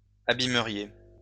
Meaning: second-person plural conditional of abîmer
- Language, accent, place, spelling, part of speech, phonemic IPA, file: French, France, Lyon, abîmeriez, verb, /a.bi.mə.ʁje/, LL-Q150 (fra)-abîmeriez.wav